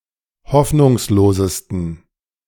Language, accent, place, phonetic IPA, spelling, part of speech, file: German, Germany, Berlin, [ˈhɔfnʊŋsloːzəstn̩], hoffnungslosesten, adjective, De-hoffnungslosesten.ogg
- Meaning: 1. superlative degree of hoffnungslos 2. inflection of hoffnungslos: strong genitive masculine/neuter singular superlative degree